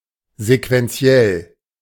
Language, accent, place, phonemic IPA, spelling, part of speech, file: German, Germany, Berlin, /zekvɛnˈtsi̯ɛl/, sequenziell, adjective, De-sequenziell.ogg
- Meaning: sequential